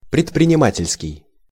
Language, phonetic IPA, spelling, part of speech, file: Russian, [prʲɪtprʲɪnʲɪˈmatʲɪlʲskʲɪj], предпринимательский, adjective, Ru-предпринимательский.ogg
- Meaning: business; entrepreneurial